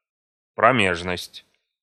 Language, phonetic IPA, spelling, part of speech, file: Russian, [prɐˈmʲeʐnəsʲtʲ], промежность, noun, Ru-промежность.ogg
- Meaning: perineum